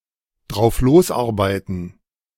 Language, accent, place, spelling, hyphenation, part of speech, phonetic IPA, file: German, Germany, Berlin, drauflosarbeiten, drauf‧los‧ar‧bei‧ten, verb, [dʁaʊ̯fˈloːsˌʔaʁbaɪ̯tn̩], De-drauflosarbeiten.ogg
- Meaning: to get straight down to work